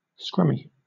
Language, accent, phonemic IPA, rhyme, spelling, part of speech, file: English, Southern England, /ˈskɹʌmi/, -ʌmi, scrummy, adjective, LL-Q1860 (eng)-scrummy.wav
- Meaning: Delicious